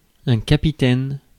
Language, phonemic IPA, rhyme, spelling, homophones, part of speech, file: French, /ka.pi.tɛn/, -ɛn, capitaine, capitaines, noun, Fr-capitaine.ogg
- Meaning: 1. captain, leader 2. giant African threadfin (Polydactylus quadrifilis)